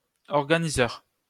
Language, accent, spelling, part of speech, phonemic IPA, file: French, France, organiseur, noun, /ɔʁ.ɡa.ni.zœʁ/, LL-Q150 (fra)-organiseur.wav
- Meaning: organizer (hand-held micro-computer)